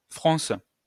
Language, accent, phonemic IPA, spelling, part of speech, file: French, France, /fʁɔ̃s/, fronce, noun / verb, LL-Q150 (fra)-fronce.wav
- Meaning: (noun) a frown; scowl; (verb) inflection of froncer: 1. first/third-person singular present indicative/subjunctive 2. second-person singular imperative